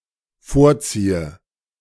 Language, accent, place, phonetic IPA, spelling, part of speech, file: German, Germany, Berlin, [ˈfoːɐ̯ˌt͡siːə], vorziehe, verb, De-vorziehe.ogg
- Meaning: inflection of vorziehen: 1. first-person singular dependent present 2. first/third-person singular dependent subjunctive I